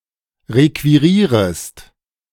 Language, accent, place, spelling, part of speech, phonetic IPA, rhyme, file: German, Germany, Berlin, requirierest, verb, [ˌʁekviˈʁiːʁəst], -iːʁəst, De-requirierest.ogg
- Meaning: second-person singular subjunctive I of requirieren